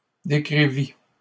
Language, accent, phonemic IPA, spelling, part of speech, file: French, Canada, /de.kʁi.vi/, décrivît, verb, LL-Q150 (fra)-décrivît.wav
- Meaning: third-person singular imperfect subjunctive of décrire